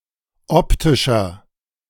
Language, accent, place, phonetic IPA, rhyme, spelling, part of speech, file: German, Germany, Berlin, [ˈɔptɪʃɐ], -ɔptɪʃɐ, optischer, adjective, De-optischer.ogg
- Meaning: inflection of optisch: 1. strong/mixed nominative masculine singular 2. strong genitive/dative feminine singular 3. strong genitive plural